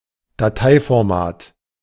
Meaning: file format
- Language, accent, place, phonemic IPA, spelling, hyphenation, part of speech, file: German, Germany, Berlin, /daˈtaɪ̯fɔʁˌmaːt/, Dateiformat, Da‧tei‧for‧mat, noun, De-Dateiformat.ogg